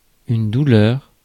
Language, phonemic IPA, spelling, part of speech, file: French, /du.lœʁ/, douleur, noun, Fr-douleur.ogg
- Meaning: 1. pain 2. distress